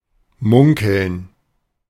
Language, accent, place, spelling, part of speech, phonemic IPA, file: German, Germany, Berlin, munkeln, verb, /ˈmʊŋkəln/, De-munkeln.ogg
- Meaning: 1. to rumour/rumor 2. to whisper; to mutter; to speak in private